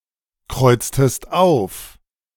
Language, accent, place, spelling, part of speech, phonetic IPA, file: German, Germany, Berlin, kreuztest auf, verb, [ˌkʁɔɪ̯t͡stəst ˈaʊ̯f], De-kreuztest auf.ogg
- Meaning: inflection of aufkreuzen: 1. second-person singular preterite 2. second-person singular subjunctive II